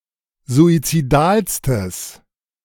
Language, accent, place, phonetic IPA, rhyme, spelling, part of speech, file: German, Germany, Berlin, [zuit͡siˈdaːlstəs], -aːlstəs, suizidalstes, adjective, De-suizidalstes.ogg
- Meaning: strong/mixed nominative/accusative neuter singular superlative degree of suizidal